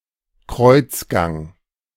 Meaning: cloister
- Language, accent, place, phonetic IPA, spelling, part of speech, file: German, Germany, Berlin, [ˈkʁɔɪ̯t͡sˌɡaŋ], Kreuzgang, noun, De-Kreuzgang.ogg